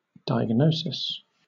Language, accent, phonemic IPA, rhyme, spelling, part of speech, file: English, Southern England, /daɪəɡˈnəʊsɪs/, -əʊsɪs, diagnosis, noun / verb, LL-Q1860 (eng)-diagnosis.wav
- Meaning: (noun) The process of, or an instance of, identification of the nature and cause of a medical condition or illness